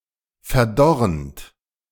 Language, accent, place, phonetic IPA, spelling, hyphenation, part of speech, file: German, Germany, Berlin, [fɛɐ̯ˈdɔʁənt], verdorrend, ver‧dor‧rend, verb, De-verdorrend.ogg
- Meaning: present participle of verdorren